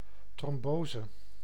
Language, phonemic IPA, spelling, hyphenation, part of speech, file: Dutch, /trɔmˈboːzə/, trombose, trom‧bo‧se, noun, Nl-trombose.ogg
- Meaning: 1. thrombosis 2. a clutter in liquid, notably: a thrombus, blood clot formed in blood vessels that leads to thrombosis 3. a clutter in liquid, notably: a clutter in milk